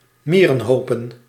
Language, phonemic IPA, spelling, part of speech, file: Dutch, /ˈmirə(n)ˌhopə(n)/, mierenhopen, noun, Nl-mierenhopen.ogg
- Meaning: plural of mierenhoop